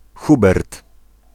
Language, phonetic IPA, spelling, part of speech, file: Polish, [ˈxubɛrt], Hubert, proper noun, Pl-Hubert.ogg